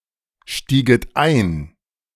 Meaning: second-person plural subjunctive II of einsteigen
- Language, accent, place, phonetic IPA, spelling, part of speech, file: German, Germany, Berlin, [ˌʃtiːɡət ˈaɪ̯n], stieget ein, verb, De-stieget ein.ogg